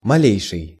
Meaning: least, slightest: superlative degree of ма́лый (mályj)
- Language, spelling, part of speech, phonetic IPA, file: Russian, малейший, adjective, [mɐˈlʲejʂɨj], Ru-малейший.ogg